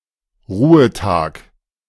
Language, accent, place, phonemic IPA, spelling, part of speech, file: German, Germany, Berlin, /ˈʁuːətaːk/, Ruhetag, noun, De-Ruhetag.ogg
- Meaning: 1. day off 2. day of rest, rest day 3. a day of the week, on which a shop or office is closed